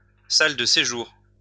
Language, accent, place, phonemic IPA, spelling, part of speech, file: French, France, Lyon, /sal də se.ʒuʁ/, salle de séjour, noun, LL-Q150 (fra)-salle de séjour.wav
- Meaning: living room, sitting-room